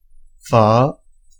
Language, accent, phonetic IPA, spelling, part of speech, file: Vietnamese, Hanoi, [fəː˧˩], phở, noun / verb, Phở.oga
- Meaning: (noun) pho (a soup made with bánh phở noodles, usually served with beef, pork, or chicken, similar to ramen); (verb) to clear (land)